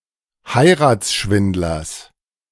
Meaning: genitive singular of Heiratsschwindler
- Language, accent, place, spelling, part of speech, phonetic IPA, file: German, Germany, Berlin, Heiratsschwindlers, noun, [ˈhaɪ̯ʁaːt͡sˌʃvɪndlɐs], De-Heiratsschwindlers.ogg